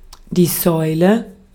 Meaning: 1. column, pillar 2. gas pump (clipping of Zapfsäule)
- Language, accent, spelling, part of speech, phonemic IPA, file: German, Austria, Säule, noun, /ˈzɔʏ̯lə/, De-at-Säule.ogg